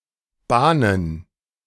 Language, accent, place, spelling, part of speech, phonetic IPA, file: German, Germany, Berlin, bahnen, verb, [ˈbaːnən], De-bahnen.ogg
- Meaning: to channel